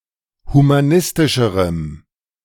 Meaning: strong dative masculine/neuter singular comparative degree of humanistisch
- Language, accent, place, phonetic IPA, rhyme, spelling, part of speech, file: German, Germany, Berlin, [humaˈnɪstɪʃəʁəm], -ɪstɪʃəʁəm, humanistischerem, adjective, De-humanistischerem.ogg